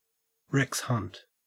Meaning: An extremely unpleasant or objectionable person
- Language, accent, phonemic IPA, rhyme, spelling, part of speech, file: English, Australia, /ˈɹɛks hʌnt/, -ʌnt, Rex Hunt, noun, En-au-Rex Hunt.ogg